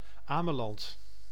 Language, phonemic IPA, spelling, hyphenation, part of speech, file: Dutch, /ˈaː.mə.lɑnt/, Ameland, Ame‧land, proper noun, Nl-Ameland.ogg
- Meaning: Ameland (an island and municipality of Friesland, Netherlands)